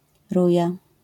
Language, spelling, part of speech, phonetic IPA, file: Polish, ruja, noun, [ˈruja], LL-Q809 (pol)-ruja.wav